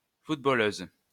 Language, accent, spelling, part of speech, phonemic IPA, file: French, France, footballeuse, noun, /fut.bɔ.løz/, LL-Q150 (fra)-footballeuse.wav
- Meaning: female equivalent of footballeur